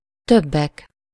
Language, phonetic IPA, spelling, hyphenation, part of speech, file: Hungarian, [ˈtøbːɛk], többek, töb‧bek, noun, Hu-többek.ogg
- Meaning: nominative plural of több